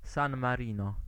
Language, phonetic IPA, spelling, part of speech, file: Polish, [ˈsãn maˈrʲĩnɔ], San Marino, proper noun, Pl-San Marino.ogg